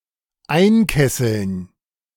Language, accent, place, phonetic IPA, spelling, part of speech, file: German, Germany, Berlin, [ˈaɪ̯nˌkɛsl̩n], einkesseln, verb, De-einkesseln.ogg
- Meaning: to encircle, to surround, to kettle (to trap in place by having forces all around)